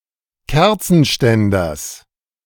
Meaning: genitive singular of Kerzenständer
- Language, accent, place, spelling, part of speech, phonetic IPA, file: German, Germany, Berlin, Kerzenständers, noun, [ˈkɛʁt͡sn̩ˌʃtɛndɐs], De-Kerzenständers.ogg